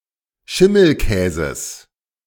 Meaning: genitive singular of Schimmelkäse
- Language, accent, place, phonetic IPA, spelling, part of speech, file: German, Germany, Berlin, [ˈʃɪml̩ˌkɛːzəs], Schimmelkäses, noun, De-Schimmelkäses.ogg